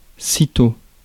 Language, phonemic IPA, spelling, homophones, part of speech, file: French, /si.to/, sitôt, Cîteaux / scytho-, adverb, Fr-sitôt.ogg
- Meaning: 1. immediately 2. no sooner, soon after